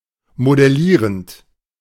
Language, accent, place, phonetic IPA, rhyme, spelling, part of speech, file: German, Germany, Berlin, [modɛˈliːʁənt], -iːʁənt, modellierend, verb, De-modellierend.ogg
- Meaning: present participle of modellieren